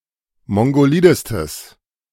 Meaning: strong/mixed nominative/accusative neuter singular superlative degree of mongolid
- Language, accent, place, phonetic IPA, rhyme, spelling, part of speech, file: German, Germany, Berlin, [ˌmɔŋɡoˈliːdəstəs], -iːdəstəs, mongolidestes, adjective, De-mongolidestes.ogg